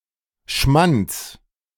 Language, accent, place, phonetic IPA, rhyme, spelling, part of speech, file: German, Germany, Berlin, [ʃmant͡s], -ant͡s, Schmants, noun, De-Schmants.ogg
- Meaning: genitive singular of Schmant